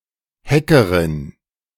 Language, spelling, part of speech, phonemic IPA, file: German, Hackerin, noun, /ˈhɛkərɪn/, De-Hackerin.ogg
- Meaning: female equivalent of Hacker